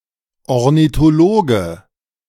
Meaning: ornithologist (male or of unspecified gender)
- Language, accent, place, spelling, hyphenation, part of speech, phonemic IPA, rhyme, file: German, Germany, Berlin, Ornithologe, Or‧ni‧tho‧lo‧ge, noun, /ɔʁnitoˈloːɡə/, -oːɡə, De-Ornithologe.ogg